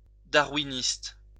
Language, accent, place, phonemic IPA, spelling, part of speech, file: French, France, Lyon, /da.ʁwi.nist/, darwiniste, adjective, LL-Q150 (fra)-darwiniste.wav
- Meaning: Darwinist